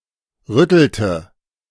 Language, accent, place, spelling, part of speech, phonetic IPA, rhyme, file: German, Germany, Berlin, rüttelte, verb, [ˈʁʏtl̩tə], -ʏtl̩tə, De-rüttelte.ogg
- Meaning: inflection of rütteln: 1. first/third-person singular preterite 2. first/third-person singular subjunctive II